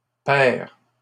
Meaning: blue-green (particularly used in reference to eyes)
- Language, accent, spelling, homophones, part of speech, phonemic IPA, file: French, Canada, pers, pair / paire / père / perd, adjective, /pɛʁ/, LL-Q150 (fra)-pers.wav